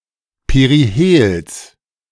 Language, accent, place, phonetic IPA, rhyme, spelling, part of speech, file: German, Germany, Berlin, [peʁiˈheːls], -eːls, Perihels, noun, De-Perihels.ogg
- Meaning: genitive singular of Perihel